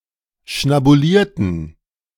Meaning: inflection of schnabulieren: 1. first/third-person plural preterite 2. first/third-person plural subjunctive II
- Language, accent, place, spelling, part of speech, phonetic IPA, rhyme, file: German, Germany, Berlin, schnabulierten, adjective / verb, [ʃnabuˈliːɐ̯tn̩], -iːɐ̯tn̩, De-schnabulierten.ogg